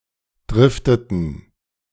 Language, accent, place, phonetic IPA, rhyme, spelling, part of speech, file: German, Germany, Berlin, [ˈdʁɪftətn̩], -ɪftətn̩, drifteten, verb, De-drifteten.ogg
- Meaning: inflection of driften: 1. first/third-person plural preterite 2. first/third-person plural subjunctive II